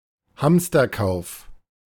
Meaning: panicked purchase in order to hoard provisions
- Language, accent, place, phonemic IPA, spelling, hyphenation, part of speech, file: German, Germany, Berlin, /ˈhamstɐˌkaʊ̯f/, Hamsterkauf, Hams‧ter‧kauf, noun, De-Hamsterkauf.ogg